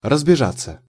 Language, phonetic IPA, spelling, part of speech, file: Russian, [rəzbʲɪˈʐat͡sːə], разбежаться, verb, Ru-разбежаться.ogg
- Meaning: 1. to scatter 2. to take a run, to run up (before jumping, diving, etc)